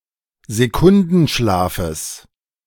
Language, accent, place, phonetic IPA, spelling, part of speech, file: German, Germany, Berlin, [zeˈkʊndn̩ˌʃlaːfəs], Sekundenschlafes, noun, De-Sekundenschlafes.ogg
- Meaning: genitive singular of Sekundenschlaf